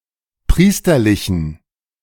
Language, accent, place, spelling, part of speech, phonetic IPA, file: German, Germany, Berlin, priesterlichen, adjective, [ˈpʁiːstɐlɪçn̩], De-priesterlichen.ogg
- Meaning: inflection of priesterlich: 1. strong genitive masculine/neuter singular 2. weak/mixed genitive/dative all-gender singular 3. strong/weak/mixed accusative masculine singular 4. strong dative plural